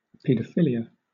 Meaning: 1. Sexual attraction by adults and adolescents to children, specifically prepubescent children 2. Sexual activity between adults and children; the act of child molestation
- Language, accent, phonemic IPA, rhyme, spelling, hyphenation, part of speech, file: English, Southern England, /ˌpiː.dəˈfɪ.li.ə/, -ɪliə, pedophilia, ped‧o‧phil‧i‧a, noun, LL-Q1860 (eng)-pedophilia.wav